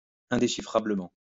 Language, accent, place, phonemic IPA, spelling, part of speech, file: French, France, Lyon, /ɛ̃.de.ʃi.fʁa.blə.mɑ̃/, indéchiffrablement, adverb, LL-Q150 (fra)-indéchiffrablement.wav
- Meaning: indecipherably